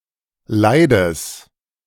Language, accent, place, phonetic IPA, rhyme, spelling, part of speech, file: German, Germany, Berlin, [ˈlaɪ̯dəs], -aɪ̯dəs, leides, adjective, De-leides.ogg
- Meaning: strong/mixed nominative/accusative neuter singular of leid